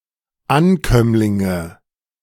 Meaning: nominative/accusative/genitive plural of Ankömmling
- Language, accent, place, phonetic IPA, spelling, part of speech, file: German, Germany, Berlin, [ˈanˌkœmlɪŋə], Ankömmlinge, noun, De-Ankömmlinge.ogg